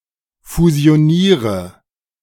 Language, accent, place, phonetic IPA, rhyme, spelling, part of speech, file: German, Germany, Berlin, [fuzi̯oˈniːʁə], -iːʁə, fusioniere, verb, De-fusioniere.ogg
- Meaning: inflection of fusionieren: 1. first-person singular present 2. first/third-person singular subjunctive I 3. singular imperative